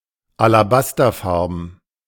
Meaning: alabaster-coloured
- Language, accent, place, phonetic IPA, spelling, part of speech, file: German, Germany, Berlin, [alaˈbastɐˌfaʁbn̩], alabasterfarben, adjective, De-alabasterfarben.ogg